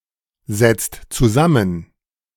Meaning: inflection of zusammensetzen: 1. second/third-person singular present 2. second-person plural present 3. plural imperative
- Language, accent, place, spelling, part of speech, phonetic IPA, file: German, Germany, Berlin, setzt zusammen, verb, [ˌzɛt͡st t͡suˈzamən], De-setzt zusammen.ogg